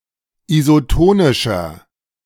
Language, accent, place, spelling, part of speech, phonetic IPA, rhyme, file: German, Germany, Berlin, isotonischer, adjective, [izoˈtoːnɪʃɐ], -oːnɪʃɐ, De-isotonischer.ogg
- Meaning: 1. comparative degree of isotonisch 2. inflection of isotonisch: strong/mixed nominative masculine singular 3. inflection of isotonisch: strong genitive/dative feminine singular